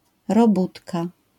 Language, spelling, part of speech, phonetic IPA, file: Polish, robótka, noun, [rɔˈbutka], LL-Q809 (pol)-robótka.wav